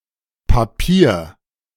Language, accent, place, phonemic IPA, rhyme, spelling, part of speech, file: German, Germany, Berlin, /paˈpiːɐ̯/, -iːɐ̯, Papier, noun, De-Papier2.ogg
- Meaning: 1. paper (material) 2. wrapping made of paper or a similar material, e.g. with foodstuffs 3. a sheet of paper 4. a document or proof, especially ellipsis of Ausweispapier (“identity document, papers”)